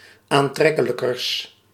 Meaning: partitive of aantrekkelijker, the comparative degree of aantrekkelijk
- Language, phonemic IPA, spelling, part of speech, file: Dutch, /anˈtrɛkələkərs/, aantrekkelijkers, adjective, Nl-aantrekkelijkers.ogg